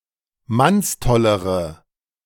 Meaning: inflection of mannstoll: 1. strong/mixed nominative/accusative feminine singular comparative degree 2. strong nominative/accusative plural comparative degree
- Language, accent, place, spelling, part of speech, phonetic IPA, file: German, Germany, Berlin, mannstollere, adjective, [ˈmansˌtɔləʁə], De-mannstollere.ogg